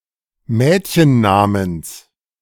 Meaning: genitive singular of Mädchenname
- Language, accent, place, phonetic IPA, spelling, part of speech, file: German, Germany, Berlin, [ˈmɛːtçənˌnaːməns], Mädchennamens, noun, De-Mädchennamens.ogg